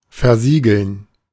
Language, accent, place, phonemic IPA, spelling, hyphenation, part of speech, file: German, Germany, Berlin, /fɛɐ̯ˈziːɡl̩n/, versiegeln, ver‧sie‧geln, verb, De-versiegeln.ogg
- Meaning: to seal up